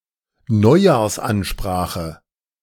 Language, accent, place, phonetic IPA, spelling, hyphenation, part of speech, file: German, Germany, Berlin, [ˈnɔɪ̯jaːɐ̯sʔanʃpraːxə], Neujahrsansprache, Neu‧jahrs‧an‧spra‧che, noun, De-Neujahrsansprache.ogg
- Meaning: New Year's speech